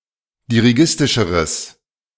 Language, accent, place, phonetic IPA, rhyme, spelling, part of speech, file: German, Germany, Berlin, [diʁiˈɡɪstɪʃəʁəs], -ɪstɪʃəʁəs, dirigistischeres, adjective, De-dirigistischeres.ogg
- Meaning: strong/mixed nominative/accusative neuter singular comparative degree of dirigistisch